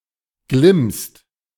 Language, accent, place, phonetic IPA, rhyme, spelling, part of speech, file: German, Germany, Berlin, [ɡlɪmst], -ɪmst, glimmst, verb, De-glimmst.ogg
- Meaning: second-person singular present of glimmen